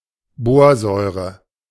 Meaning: boric acid
- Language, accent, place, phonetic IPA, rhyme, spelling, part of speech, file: German, Germany, Berlin, [ˈboːɐ̯ˌzɔɪ̯ʁə], -oːɐ̯zɔɪ̯ʁə, Borsäure, noun, De-Borsäure.ogg